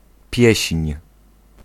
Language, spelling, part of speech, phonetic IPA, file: Polish, pieśń, noun, [pʲjɛ̇ɕɲ̊], Pl-pieśń.ogg